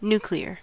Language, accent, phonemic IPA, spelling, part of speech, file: English, US, /ˈn(j)u.kli.ɚ/, nuclear, adjective / noun, En-us-nuclear.ogg
- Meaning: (adjective) 1. Pertaining to the nucleus of an atom 2. Involving energy released by nuclear reactions (fission, fusion, radioactive decay)